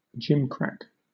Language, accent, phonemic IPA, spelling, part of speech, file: English, Southern England, /ˈd͡ʒɪmkɹæk/, gimcrack, adjective / noun / verb, LL-Q1860 (eng)-gimcrack.wav
- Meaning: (adjective) Showy but of poor quality; worthless; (noun) Something showy but worthless; a bauble or gimmick; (verb) To put together quickly and without much care; to bodge